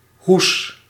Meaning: cover
- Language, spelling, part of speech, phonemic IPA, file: Dutch, hoes, noun, /hus/, Nl-hoes.ogg